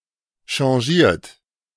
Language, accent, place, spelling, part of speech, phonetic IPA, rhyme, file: German, Germany, Berlin, changiert, verb, [ʃɑ̃ˈʒiːɐ̯t], -iːɐ̯t, De-changiert.ogg
- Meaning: 1. past participle of changieren 2. inflection of changieren: third-person singular present 3. inflection of changieren: second-person plural present 4. inflection of changieren: plural imperative